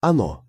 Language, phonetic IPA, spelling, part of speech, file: Russian, [ɐˈno], оно, pronoun, Ru-оно.ogg
- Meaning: it (third-person neuter singular pronoun)